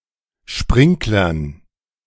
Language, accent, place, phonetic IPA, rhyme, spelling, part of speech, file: German, Germany, Berlin, [ˈʃpʁɪŋklɐn], -ɪŋklɐn, Sprinklern, noun, De-Sprinklern.ogg
- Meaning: dative plural of Sprinkler